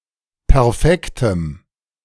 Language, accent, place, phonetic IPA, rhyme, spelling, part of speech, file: German, Germany, Berlin, [pɛʁˈfɛktəm], -ɛktəm, perfektem, adjective, De-perfektem.ogg
- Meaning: strong dative masculine/neuter singular of perfekt